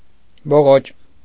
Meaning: alternative form of բլոճ (bloč)
- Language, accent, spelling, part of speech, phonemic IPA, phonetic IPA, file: Armenian, Eastern Armenian, բողոճ, noun, /boˈʁot͡ʃ/, [boʁót͡ʃ], Hy-բողոճ.ogg